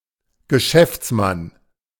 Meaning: businessman
- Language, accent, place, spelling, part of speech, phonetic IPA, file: German, Germany, Berlin, Geschäftsmann, noun, [ɡəˈʃɛft͡sˌman], De-Geschäftsmann.ogg